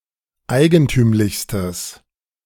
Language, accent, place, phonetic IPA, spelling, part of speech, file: German, Germany, Berlin, [ˈaɪ̯ɡənˌtyːmlɪçstəs], eigentümlichstes, adjective, De-eigentümlichstes.ogg
- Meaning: strong/mixed nominative/accusative neuter singular superlative degree of eigentümlich